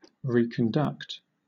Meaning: To conduct again or back
- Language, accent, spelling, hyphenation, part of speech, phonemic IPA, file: English, Southern England, reconduct, re‧con‧duct, verb, /ˌɹiːkənˈdʌkt/, LL-Q1860 (eng)-reconduct.wav